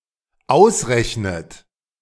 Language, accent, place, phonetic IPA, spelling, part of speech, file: German, Germany, Berlin, [ˈaʊ̯sˌʁɛçnət], ausrechnet, verb, De-ausrechnet.ogg
- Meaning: inflection of ausrechnen: 1. third-person singular dependent present 2. second-person plural dependent present 3. second-person plural dependent subjunctive I